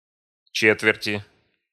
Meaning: inflection of че́тверть (čétvertʹ): 1. genitive/dative/prepositional singular 2. nominative/accusative plural
- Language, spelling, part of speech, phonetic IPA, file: Russian, четверти, noun, [ˈt͡ɕetvʲɪrtʲɪ], Ru-четверти.ogg